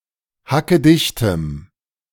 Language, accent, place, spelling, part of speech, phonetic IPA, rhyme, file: German, Germany, Berlin, hackedichtem, adjective, [hakəˈdɪçtəm], -ɪçtəm, De-hackedichtem.ogg
- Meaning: strong dative masculine/neuter singular of hackedicht